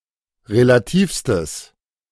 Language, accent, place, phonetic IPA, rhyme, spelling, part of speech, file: German, Germany, Berlin, [ʁelaˈtiːfstəs], -iːfstəs, relativstes, adjective, De-relativstes.ogg
- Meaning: strong/mixed nominative/accusative neuter singular superlative degree of relativ